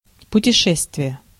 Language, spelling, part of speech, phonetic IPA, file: Russian, путешествие, noun, [pʊtʲɪˈʂɛstvʲɪje], Ru-путешествие.ogg
- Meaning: travels, journey